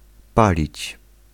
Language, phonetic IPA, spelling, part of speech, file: Polish, [ˈpalʲit͡ɕ], palić, verb, Pl-palić.ogg